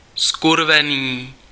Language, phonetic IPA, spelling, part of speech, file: Czech, [ˈskurvɛniː], zkurvený, adjective, Cs-zkurvený.ogg
- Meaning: fucking, damned